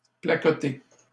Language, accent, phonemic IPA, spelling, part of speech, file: French, Canada, /pla.kɔ.te/, placoter, verb, LL-Q150 (fra)-placoter.wav
- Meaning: to chat, chatter